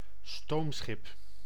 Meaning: a steamship, steamer, a ship powered by steam (engine(s))
- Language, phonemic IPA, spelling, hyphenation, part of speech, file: Dutch, /ˈstoːm.sxɪp/, stoomschip, stoom‧schip, noun, Nl-stoomschip.ogg